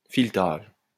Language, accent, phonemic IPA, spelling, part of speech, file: French, France, /fil.taʒ/, filetage, noun, LL-Q150 (fra)-filetage.wav
- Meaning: screw thread